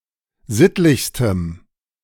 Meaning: strong dative masculine/neuter singular superlative degree of sittlich
- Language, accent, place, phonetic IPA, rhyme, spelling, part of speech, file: German, Germany, Berlin, [ˈzɪtlɪçstəm], -ɪtlɪçstəm, sittlichstem, adjective, De-sittlichstem.ogg